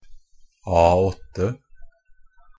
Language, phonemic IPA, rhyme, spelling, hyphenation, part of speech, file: Norwegian Bokmål, /ˈɑːɔtːə/, -ɔtːə, A8, A‧8, noun, NB - Pronunciation of Norwegian Bokmål «A8».ogg
- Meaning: A standard paper size, defined by ISO 216